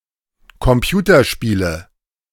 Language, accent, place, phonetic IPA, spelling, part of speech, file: German, Germany, Berlin, [kɔmˈpjuːtɐˌʃpiːlə], Computerspiele, noun, De-Computerspiele.ogg
- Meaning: nominative/accusative/genitive plural of Computerspiel